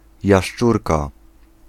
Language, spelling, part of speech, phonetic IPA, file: Polish, jaszczurka, noun, [jaʃˈt͡ʃurka], Pl-jaszczurka.ogg